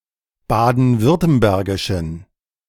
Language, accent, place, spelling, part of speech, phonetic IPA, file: German, Germany, Berlin, baden-württembergischen, adjective, [ˌbaːdn̩ˈvʏʁtəmbɛʁɡɪʃn̩], De-baden-württembergischen.ogg
- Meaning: inflection of baden-württembergisch: 1. strong genitive masculine/neuter singular 2. weak/mixed genitive/dative all-gender singular 3. strong/weak/mixed accusative masculine singular